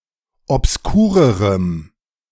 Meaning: strong dative masculine/neuter singular comparative degree of obskur
- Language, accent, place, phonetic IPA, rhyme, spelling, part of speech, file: German, Germany, Berlin, [ɔpsˈkuːʁəʁəm], -uːʁəʁəm, obskurerem, adjective, De-obskurerem.ogg